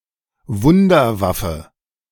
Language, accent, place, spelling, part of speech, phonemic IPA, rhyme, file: German, Germany, Berlin, Wunderwaffe, noun, /ˈvʊndərˌvafə/, -afə, De-Wunderwaffe.ogg
- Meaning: wonderweapon